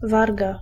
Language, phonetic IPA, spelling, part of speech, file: Polish, [ˈvarɡa], warga, noun, Pl-warga.ogg